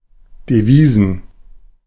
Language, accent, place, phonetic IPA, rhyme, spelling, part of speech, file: German, Germany, Berlin, [deˈviːzn̩], -iːzn̩, Devisen, noun, De-Devisen.ogg
- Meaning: plural of Devise